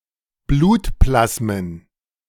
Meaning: plural of Blutplasma
- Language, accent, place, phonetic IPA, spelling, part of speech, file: German, Germany, Berlin, [ˈbluːtˌplasmən], Blutplasmen, noun, De-Blutplasmen.ogg